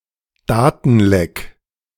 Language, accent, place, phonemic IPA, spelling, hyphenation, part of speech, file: German, Germany, Berlin, /ˈdaːtn̩ˌlɛk/, Datenleck, Da‧ten‧leck, noun, De-Datenleck.ogg
- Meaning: data leak